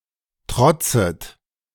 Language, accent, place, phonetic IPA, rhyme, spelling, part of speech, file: German, Germany, Berlin, [ˈtʁɔt͡sət], -ɔt͡sət, trotzet, verb, De-trotzet.ogg
- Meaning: second-person plural subjunctive I of trotzen